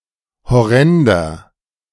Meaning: 1. comparative degree of horrend 2. inflection of horrend: strong/mixed nominative masculine singular 3. inflection of horrend: strong genitive/dative feminine singular
- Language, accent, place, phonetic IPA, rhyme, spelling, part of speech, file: German, Germany, Berlin, [hɔˈʁɛndɐ], -ɛndɐ, horrender, adjective, De-horrender.ogg